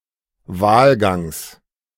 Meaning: genitive singular of Wahlgang
- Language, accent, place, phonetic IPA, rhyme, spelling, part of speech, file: German, Germany, Berlin, [ˈvaːlˌɡaŋs], -aːlɡaŋs, Wahlgangs, noun, De-Wahlgangs.ogg